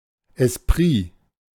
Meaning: esprit
- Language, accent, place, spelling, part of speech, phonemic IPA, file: German, Germany, Berlin, Esprit, noun, /ɛsˈpʁiː/, De-Esprit.ogg